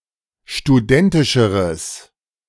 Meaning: strong/mixed nominative/accusative neuter singular comparative degree of studentisch
- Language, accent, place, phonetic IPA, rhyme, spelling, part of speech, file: German, Germany, Berlin, [ʃtuˈdɛntɪʃəʁəs], -ɛntɪʃəʁəs, studentischeres, adjective, De-studentischeres.ogg